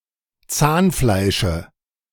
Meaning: dative of Zahnfleisch
- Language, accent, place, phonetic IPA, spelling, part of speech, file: German, Germany, Berlin, [ˈt͡saːnˌflaɪ̯ʃə], Zahnfleische, noun, De-Zahnfleische.ogg